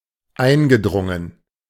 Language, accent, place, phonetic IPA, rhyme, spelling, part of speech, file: German, Germany, Berlin, [ˈaɪ̯nɡəˌdʁʊŋən], -aɪ̯nɡədʁʊŋən, eingedrungen, verb, De-eingedrungen.ogg
- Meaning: past participle of eindringen